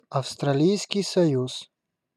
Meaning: Commonwealth of Australia (official name of Australia: a country in Oceania)
- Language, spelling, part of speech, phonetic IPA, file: Russian, Австралийский Союз, proper noun, [ɐfstrɐˈlʲijskʲɪj sɐˈjus], Ru-Австралийский Союз.ogg